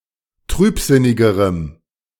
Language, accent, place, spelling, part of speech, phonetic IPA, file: German, Germany, Berlin, trübsinnigerem, adjective, [ˈtʁyːpˌzɪnɪɡəʁəm], De-trübsinnigerem.ogg
- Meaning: strong dative masculine/neuter singular comparative degree of trübsinnig